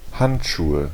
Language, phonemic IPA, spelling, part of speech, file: German, /ˈhantˌʃuːə/, Handschuhe, noun, De-Handschuhe.ogg
- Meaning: nominative/accusative/genitive plural of Handschuh